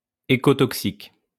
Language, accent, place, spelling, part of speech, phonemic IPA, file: French, France, Lyon, écotoxique, adjective, /e.ko.tɔk.sik/, LL-Q150 (fra)-écotoxique.wav
- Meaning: ecotoxic